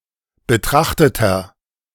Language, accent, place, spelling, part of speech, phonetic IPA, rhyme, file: German, Germany, Berlin, betrachteter, adjective, [bəˈtʁaxtətɐ], -axtətɐ, De-betrachteter.ogg
- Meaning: inflection of betrachtet: 1. strong/mixed nominative masculine singular 2. strong genitive/dative feminine singular 3. strong genitive plural